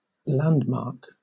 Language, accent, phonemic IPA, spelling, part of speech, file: English, Southern England, /ˈlændmɑːk/, landmark, noun / verb, LL-Q1860 (eng)-landmark.wav
- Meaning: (noun) 1. An object that marks the boundary of a piece of land (usually a stone, or a tree) 2. A recognizable natural or man-made feature used for navigation